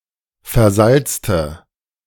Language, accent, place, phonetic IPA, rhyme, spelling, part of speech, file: German, Germany, Berlin, [fɛɐ̯ˈzalt͡stə], -alt͡stə, versalzte, adjective / verb, De-versalzte.ogg
- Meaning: inflection of versalzen: 1. first/third-person singular preterite 2. first/third-person singular subjunctive II